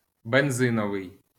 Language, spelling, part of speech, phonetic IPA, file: Ukrainian, бензиновий, adjective, [benˈzɪnɔʋei̯], LL-Q8798 (ukr)-бензиновий.wav
- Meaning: petrol, gasoline (attributive)